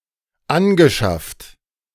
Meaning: past participle of anschaffen
- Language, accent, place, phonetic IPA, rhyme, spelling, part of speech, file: German, Germany, Berlin, [ˈanɡəˌʃaft], -anɡəʃaft, angeschafft, verb, De-angeschafft.ogg